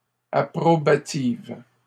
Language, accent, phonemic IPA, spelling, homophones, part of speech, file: French, Canada, /a.pʁɔ.ba.tiv/, approbative, approbatives, adjective, LL-Q150 (fra)-approbative.wav
- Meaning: feminine singular of approbatif